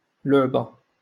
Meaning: 1. toy, plaything 2. game
- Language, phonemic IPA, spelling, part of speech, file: Moroccan Arabic, /luʕ.ba/, لعبة, noun, LL-Q56426 (ary)-لعبة.wav